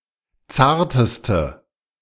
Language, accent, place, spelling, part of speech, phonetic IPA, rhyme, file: German, Germany, Berlin, zarteste, adjective, [ˈt͡saːɐ̯təstə], -aːɐ̯təstə, De-zarteste.ogg
- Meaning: inflection of zart: 1. strong/mixed nominative/accusative feminine singular superlative degree 2. strong nominative/accusative plural superlative degree